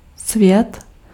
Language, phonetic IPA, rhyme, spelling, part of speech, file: Czech, [ˈsvjɛt], -ɛt, svět, noun, Cs-svět.ogg
- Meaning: world